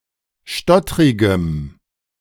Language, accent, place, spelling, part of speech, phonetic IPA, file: German, Germany, Berlin, stottrigem, adjective, [ˈʃtɔtʁɪɡəm], De-stottrigem.ogg
- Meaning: strong dative masculine/neuter singular of stottrig